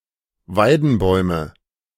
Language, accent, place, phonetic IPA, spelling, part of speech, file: German, Germany, Berlin, [ˈvaɪ̯dn̩ˌbɔɪ̯mə], Weidenbäume, noun, De-Weidenbäume.ogg
- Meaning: nominative/accusative/genitive plural of Weidenbaum